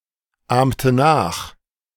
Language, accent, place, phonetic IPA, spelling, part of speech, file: German, Germany, Berlin, [ˌaːmtə ˈnaːx], ahmte nach, verb, De-ahmte nach.ogg
- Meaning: inflection of nachahmen: 1. first/third-person singular preterite 2. first/third-person singular subjunctive II